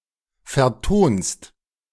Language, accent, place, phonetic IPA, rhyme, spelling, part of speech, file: German, Germany, Berlin, [fɛɐ̯ˈtoːnst], -oːnst, vertonst, verb, De-vertonst.ogg
- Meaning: second-person singular present of vertonen